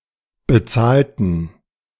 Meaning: inflection of bezahlen: 1. first/third-person plural preterite 2. first/third-person plural subjunctive II
- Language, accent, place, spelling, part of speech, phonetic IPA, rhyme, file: German, Germany, Berlin, bezahlten, adjective / verb, [bəˈt͡saːltn̩], -aːltn̩, De-bezahlten.ogg